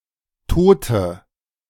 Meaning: inflection of tot: 1. strong/mixed nominative/accusative feminine singular 2. strong nominative/accusative plural 3. weak nominative all-gender singular 4. weak accusative feminine/neuter singular
- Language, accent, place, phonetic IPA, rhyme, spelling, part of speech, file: German, Germany, Berlin, [ˈtoːtə], -oːtə, tote, adjective, De-tote.ogg